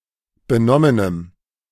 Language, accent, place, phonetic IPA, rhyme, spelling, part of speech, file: German, Germany, Berlin, [bəˈnɔmənəm], -ɔmənəm, benommenem, adjective, De-benommenem.ogg
- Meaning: strong dative masculine/neuter singular of benommen